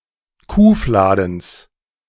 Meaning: genitive singular of Kuhfladen
- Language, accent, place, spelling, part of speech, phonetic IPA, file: German, Germany, Berlin, Kuhfladens, noun, [ˈkuːˌflaːdn̩s], De-Kuhfladens.ogg